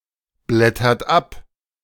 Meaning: inflection of abblättern: 1. third-person singular present 2. second-person plural present 3. plural imperative
- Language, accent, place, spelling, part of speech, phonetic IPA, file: German, Germany, Berlin, blättert ab, verb, [ˌblɛtɐt ˈap], De-blättert ab.ogg